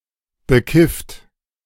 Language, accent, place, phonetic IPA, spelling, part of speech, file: German, Germany, Berlin, [bəˈkɪft], bekifft, verb / adjective, De-bekifft.ogg
- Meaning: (verb) past participle of bekiffen; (adjective) stoned, baked (high on cannabis)